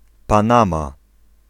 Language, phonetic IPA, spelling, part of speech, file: Polish, [pãˈnãma], Panama, proper noun, Pl-Panama.ogg